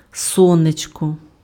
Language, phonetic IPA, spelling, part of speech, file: Ukrainian, [ˈsɔnet͡ʃkɔ], сонечко, noun, Uk-сонечко.ogg
- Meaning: 1. sun 2. ladybug (US), ladybird (UK) 3. darling, sweetheart, baby (form of address)